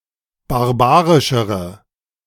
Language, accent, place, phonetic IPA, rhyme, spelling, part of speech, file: German, Germany, Berlin, [baʁˈbaːʁɪʃəʁə], -aːʁɪʃəʁə, barbarischere, adjective, De-barbarischere.ogg
- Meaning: inflection of barbarisch: 1. strong/mixed nominative/accusative feminine singular comparative degree 2. strong nominative/accusative plural comparative degree